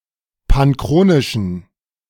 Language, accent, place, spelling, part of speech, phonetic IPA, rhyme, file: German, Germany, Berlin, panchronischen, adjective, [panˈkʁoːnɪʃn̩], -oːnɪʃn̩, De-panchronischen.ogg
- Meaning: inflection of panchronisch: 1. strong genitive masculine/neuter singular 2. weak/mixed genitive/dative all-gender singular 3. strong/weak/mixed accusative masculine singular 4. strong dative plural